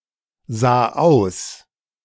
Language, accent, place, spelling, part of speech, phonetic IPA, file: German, Germany, Berlin, sah aus, verb, [ˌzaː ˈaʊ̯s], De-sah aus.ogg
- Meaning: first/third-person singular preterite of aussehen